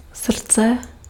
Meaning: 1. heart 2. hearts
- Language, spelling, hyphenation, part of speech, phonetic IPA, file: Czech, srdce, srd‧ce, noun, [ˈsr̩t͡sɛ], Cs-srdce.ogg